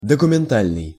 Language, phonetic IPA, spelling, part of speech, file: Russian, [dəkʊmʲɪnˈtalʲnɨj], документальный, adjective, Ru-документальный.ogg
- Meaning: documentary